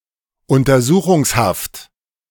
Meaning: remand
- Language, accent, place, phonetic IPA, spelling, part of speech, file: German, Germany, Berlin, [ʊntɐˈzuːxʊŋsˌhaft], Untersuchungshaft, noun, De-Untersuchungshaft.ogg